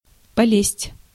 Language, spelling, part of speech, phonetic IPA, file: Russian, полезть, verb, [pɐˈlʲesʲtʲ], Ru-полезть.ogg
- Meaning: 1. to climb (up, on to), to scramble 2. to get (into); to thrust the hand (into) 3. to thrust oneself (upon); to intrude (upon)